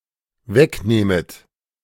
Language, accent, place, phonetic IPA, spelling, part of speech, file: German, Germany, Berlin, [ˈvɛkˌnɛːmət], wegnähmet, verb, De-wegnähmet.ogg
- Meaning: second-person plural dependent subjunctive II of wegnehmen